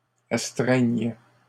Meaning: third-person plural present indicative/subjunctive of astreindre
- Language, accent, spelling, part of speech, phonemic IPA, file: French, Canada, astreignent, verb, /as.tʁɛɲ/, LL-Q150 (fra)-astreignent.wav